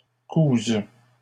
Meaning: first/third-person singular present subjunctive of coudre
- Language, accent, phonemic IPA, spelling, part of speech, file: French, Canada, /kuz/, couse, verb, LL-Q150 (fra)-couse.wav